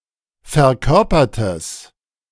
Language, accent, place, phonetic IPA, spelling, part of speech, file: German, Germany, Berlin, [fɛɐ̯ˈkœʁpɐtəs], verkörpertes, adjective, De-verkörpertes.ogg
- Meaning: strong/mixed nominative/accusative neuter singular of verkörpert